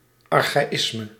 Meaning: archaism
- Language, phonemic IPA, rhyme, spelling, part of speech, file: Dutch, /ɑr.xaːˈɪs.mə/, -ɪsmə, archaïsme, noun, Nl-archaïsme.ogg